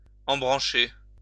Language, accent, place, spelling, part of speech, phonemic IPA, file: French, France, Lyon, embrancher, verb, /ɑ̃.bʁɑ̃.ʃe/, LL-Q150 (fra)-embrancher.wav
- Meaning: 1. to join or link up 2. to connect